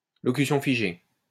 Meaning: set phrase
- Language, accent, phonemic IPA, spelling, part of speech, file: French, France, /lɔ.ky.sjɔ̃ fi.ʒe/, locution figée, noun, LL-Q150 (fra)-locution figée.wav